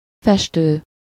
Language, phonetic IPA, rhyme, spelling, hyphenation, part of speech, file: Hungarian, [ˈfɛʃtøː], -tøː, festő, fes‧tő, verb / noun, Hu-festő.ogg
- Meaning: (verb) present participle of fest; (noun) 1. painter (an artist who paints pictures) 2. painter (a laborer or workman who paints surfaces using a paintbrush or other means)